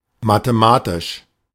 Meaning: mathematical
- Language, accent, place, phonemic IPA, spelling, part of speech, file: German, Germany, Berlin, /matəˈmaːtɪʃ/, mathematisch, adjective, De-mathematisch.ogg